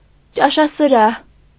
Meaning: dining hall
- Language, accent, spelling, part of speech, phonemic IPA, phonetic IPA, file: Armenian, Eastern Armenian, ճաշասրահ, noun, /t͡ʃɑʃɑsəˈɾɑh/, [t͡ʃɑʃɑsəɾɑ́h], Hy-ճաշասրահ.ogg